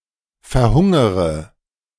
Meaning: inflection of verhungern: 1. first-person singular present 2. first-person plural subjunctive I 3. third-person singular subjunctive I 4. singular imperative
- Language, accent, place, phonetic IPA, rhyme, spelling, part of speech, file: German, Germany, Berlin, [fɛɐ̯ˈhʊŋəʁə], -ʊŋəʁə, verhungere, verb, De-verhungere.ogg